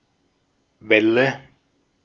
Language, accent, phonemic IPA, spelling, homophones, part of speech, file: German, Austria, /ˈvɛlə/, Welle, Wälle, noun, De-at-Welle.ogg
- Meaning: 1. wave (of water) 2. wave, curve, anything wave-shaped (e.g. hair) 3. shaft (mechanical component) 4. craze, fad (fashion, etc.)